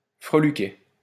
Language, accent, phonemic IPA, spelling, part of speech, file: French, France, /fʁə.ly.kɛ/, freluquet, noun, LL-Q150 (fra)-freluquet.wav
- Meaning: 1. whippersnapper 2. popinjay 3. runt